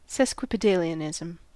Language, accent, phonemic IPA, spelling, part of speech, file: English, US, /ˌsɛskwəpəˈdeɪli.ənɪzm̩/, sesquipedalianism, noun, En-us-sesquipedalianism.ogg
- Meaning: 1. The practice of using long, sometimes obscure, words in speech or writing 2. A very long word